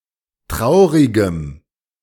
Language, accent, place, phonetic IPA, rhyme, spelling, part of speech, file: German, Germany, Berlin, [ˈtʁaʊ̯ʁɪɡəm], -aʊ̯ʁɪɡəm, traurigem, adjective, De-traurigem.ogg
- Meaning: strong dative masculine/neuter singular of traurig